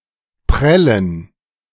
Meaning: 1. to bruise; to bash (part of one's body) 2. to trick (someone) out of; to bilk 3. to not pay (a bill) 4. to bounce 5. to toss (a fox into the air using a sling)
- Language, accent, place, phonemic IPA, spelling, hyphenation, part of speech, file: German, Germany, Berlin, /ˈpʁɛlən/, prellen, prel‧len, verb, De-prellen.ogg